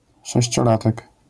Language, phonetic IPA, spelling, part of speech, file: Polish, [ˌʃɛɕt͡ɕɔˈlatɛk], sześciolatek, noun, LL-Q809 (pol)-sześciolatek.wav